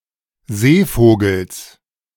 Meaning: genitive of Seevogel
- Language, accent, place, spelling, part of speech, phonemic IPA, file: German, Germany, Berlin, Seevogels, noun, /ˈzeːˌfoːɡəls/, De-Seevogels.ogg